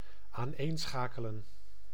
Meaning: 1. to link together, to chain together 2. to concatenate
- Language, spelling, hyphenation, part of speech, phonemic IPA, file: Dutch, aaneenschakelen, aan‧een‧scha‧ke‧len, verb, /aːnˈeːnˌsxaːkələ(n)/, Nl-aaneenschakelen.ogg